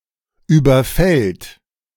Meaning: third-person singular present of überfallen
- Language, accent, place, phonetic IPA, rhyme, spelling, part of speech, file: German, Germany, Berlin, [ˌyːbɐˈfɛlt], -ɛlt, überfällt, verb, De-überfällt.ogg